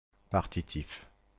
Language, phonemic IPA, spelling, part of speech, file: French, /paʁ.ti.tif/, partitif, adjective / noun, Partitif-FR.ogg
- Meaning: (adjective) partitive (indicating a part); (noun) partitive, partitive case